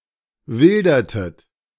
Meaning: inflection of wildern: 1. second-person plural preterite 2. second-person plural subjunctive II
- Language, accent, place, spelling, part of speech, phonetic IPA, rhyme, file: German, Germany, Berlin, wildertet, verb, [ˈvɪldɐtət], -ɪldɐtət, De-wildertet.ogg